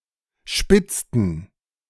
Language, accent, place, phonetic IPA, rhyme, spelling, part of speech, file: German, Germany, Berlin, [ˈʃpɪt͡stn̩], -ɪt͡stn̩, spitzten, verb, De-spitzten.ogg
- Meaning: inflection of spitzen: 1. first/third-person plural preterite 2. first/third-person plural subjunctive II